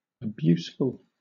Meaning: Full of abuse; abusive
- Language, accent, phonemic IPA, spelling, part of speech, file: English, Southern England, /əˈbjusfʊl/, abuseful, adjective, LL-Q1860 (eng)-abuseful.wav